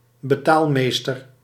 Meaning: official in charge of payments, paymaster
- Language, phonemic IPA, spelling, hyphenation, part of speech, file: Dutch, /bəˈtaːlˌmeːstər/, betaalmeester, be‧taal‧mees‧ter, noun, Nl-betaalmeester.ogg